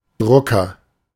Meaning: 1. agent noun of drucken; printer (person, especially male, who prints) 2. printer (device)
- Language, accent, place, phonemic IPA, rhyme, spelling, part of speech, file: German, Germany, Berlin, /ˈdʁʊkɐ/, -ʊkɐ, Drucker, noun, De-Drucker.ogg